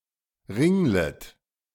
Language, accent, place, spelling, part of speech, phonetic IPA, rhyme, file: German, Germany, Berlin, ringlet, verb, [ˈʁɪŋlət], -ɪŋlət, De-ringlet.ogg
- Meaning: second-person plural subjunctive I of ringeln